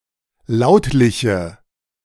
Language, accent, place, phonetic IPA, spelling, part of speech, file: German, Germany, Berlin, [ˈlaʊ̯tlɪçə], lautliche, adjective, De-lautliche.ogg
- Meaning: inflection of lautlich: 1. strong/mixed nominative/accusative feminine singular 2. strong nominative/accusative plural 3. weak nominative all-gender singular